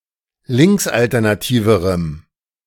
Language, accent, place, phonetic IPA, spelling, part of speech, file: German, Germany, Berlin, [ˈlɪŋksʔaltɛʁnaˌtiːvəʁəm], linksalternativerem, adjective, De-linksalternativerem.ogg
- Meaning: strong dative masculine/neuter singular comparative degree of linksalternativ